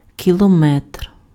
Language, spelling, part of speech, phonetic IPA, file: Ukrainian, кілометр, noun, [kʲiɫɔˈmɛtr], Uk-кілометр.ogg
- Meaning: kilometer, kilometre